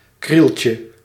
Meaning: diminutive of kriel
- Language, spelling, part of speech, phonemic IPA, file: Dutch, krieltje, noun, /ˈkrilcə/, Nl-krieltje.ogg